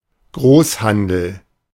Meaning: wholesale
- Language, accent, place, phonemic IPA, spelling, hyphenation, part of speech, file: German, Germany, Berlin, /ˈɡroːshandl̩/, Großhandel, Groß‧han‧del, noun, De-Großhandel.ogg